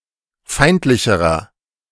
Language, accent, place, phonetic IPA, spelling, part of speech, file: German, Germany, Berlin, [ˈfaɪ̯ntlɪçəʁɐ], feindlicherer, adjective, De-feindlicherer.ogg
- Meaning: inflection of feindlich: 1. strong/mixed nominative masculine singular comparative degree 2. strong genitive/dative feminine singular comparative degree 3. strong genitive plural comparative degree